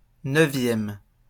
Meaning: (adjective) ninth
- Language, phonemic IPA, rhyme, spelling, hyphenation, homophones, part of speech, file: French, /nœ.vjɛm/, -ɛm, neuvième, neu‧vième, neuvièmes, adjective / noun, LL-Q150 (fra)-neuvième.wav